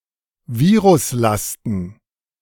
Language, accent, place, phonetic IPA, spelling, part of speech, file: German, Germany, Berlin, [ˈviːʁʊsˌlastn̩], Viruslasten, noun, De-Viruslasten.ogg
- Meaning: plural of Viruslast